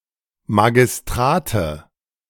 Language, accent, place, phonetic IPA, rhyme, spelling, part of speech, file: German, Germany, Berlin, [maɡɪsˈtʁaːtə], -aːtə, Magistrate, noun, De-Magistrate.ogg
- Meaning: nominative/accusative/genitive plural of Magistrat